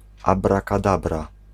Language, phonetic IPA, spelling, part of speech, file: Polish, [ˌabrakaˈdabra], abrakadabra, interjection / noun, Pl-abrakadabra.ogg